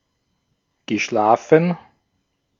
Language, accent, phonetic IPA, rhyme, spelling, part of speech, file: German, Austria, [ɡəˈʃlaːfn̩], -aːfn̩, geschlafen, verb, De-at-geschlafen.ogg
- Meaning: past participle of schlafen